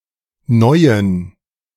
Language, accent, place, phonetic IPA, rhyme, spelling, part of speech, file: German, Germany, Berlin, [ˈnɔɪ̯ən], -ɔɪ̯ən, Neuen, noun, De-Neuen.ogg
- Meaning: genitive of Neues